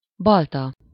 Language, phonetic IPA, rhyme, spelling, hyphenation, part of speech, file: Hungarian, [ˈbɒltɒ], -tɒ, balta, bal‧ta, noun, Hu-balta.ogg
- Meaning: ax, axe